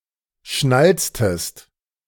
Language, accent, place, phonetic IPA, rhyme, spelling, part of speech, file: German, Germany, Berlin, [ˈʃnalt͡stəst], -alt͡stəst, schnalztest, verb, De-schnalztest.ogg
- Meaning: inflection of schnalzen: 1. second-person singular preterite 2. second-person singular subjunctive II